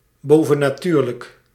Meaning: 1. supernatural 2. metaphysical
- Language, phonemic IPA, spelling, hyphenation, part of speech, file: Dutch, /ˌboː.və.naːˈtyːr.lək/, bovennatuurlijk, bo‧ven‧na‧tuur‧lijk, adjective, Nl-bovennatuurlijk.ogg